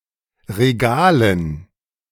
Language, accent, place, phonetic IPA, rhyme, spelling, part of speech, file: German, Germany, Berlin, [ʁeˈɡaːlən], -aːlən, Regalen, noun, De-Regalen.ogg
- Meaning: dative plural of Regal